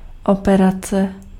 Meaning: 1. surgery, operation 2. operation
- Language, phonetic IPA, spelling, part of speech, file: Czech, [ˈopɛrat͡sɛ], operace, noun, Cs-operace.ogg